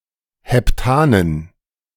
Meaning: dative plural of Heptan
- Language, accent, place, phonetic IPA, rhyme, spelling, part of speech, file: German, Germany, Berlin, [hɛpˈtaːnən], -aːnən, Heptanen, noun, De-Heptanen.ogg